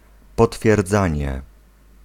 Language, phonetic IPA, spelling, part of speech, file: Polish, [ˌpɔtfʲjɛrˈd͡zãɲɛ], potwierdzanie, noun, Pl-potwierdzanie.ogg